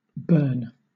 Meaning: 1. A placename: A federal city of Switzerland; the capital city of Bern canton 2. A placename: A canton of Switzerland 3. A surname
- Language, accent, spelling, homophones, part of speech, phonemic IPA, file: English, Southern England, Bern, burn / bairn, proper noun, /bɜː(ɹ)n/, LL-Q1860 (eng)-Bern.wav